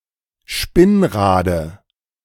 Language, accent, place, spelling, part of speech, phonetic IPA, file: German, Germany, Berlin, Spinnrade, noun, [ˈʃpɪnˌʁaːdə], De-Spinnrade.ogg
- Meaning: dative of Spinnrad